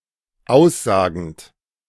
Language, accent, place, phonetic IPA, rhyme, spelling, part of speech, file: German, Germany, Berlin, [ˈaʊ̯sˌzaːɡn̩t], -aʊ̯szaːɡn̩t, aussagend, verb, De-aussagend.ogg
- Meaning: present participle of aussagen